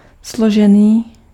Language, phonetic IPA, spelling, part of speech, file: Czech, [ˈsloʒɛniː], složený, adjective, Cs-složený.ogg
- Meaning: compound, composite